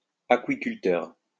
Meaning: alternative form of aquaculteur
- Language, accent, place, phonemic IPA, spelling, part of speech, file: French, France, Lyon, /a.kɥi.kyl.tœʁ/, aquiculteur, noun, LL-Q150 (fra)-aquiculteur.wav